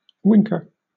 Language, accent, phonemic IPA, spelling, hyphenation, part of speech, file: English, Southern England, /ˈwɪŋkə/, winker, wink‧er, noun, LL-Q1860 (eng)-winker.wav
- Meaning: A person or an animal that winks (“blinks with one eye; blinks with one eye as a message, signal, or suggestion, usually with an implication of conspiracy”)